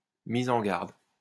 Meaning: caution, admonition, warning; trigger warning
- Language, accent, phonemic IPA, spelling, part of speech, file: French, France, /mi.z‿ɑ̃ ɡaʁd/, mise en garde, noun, LL-Q150 (fra)-mise en garde.wav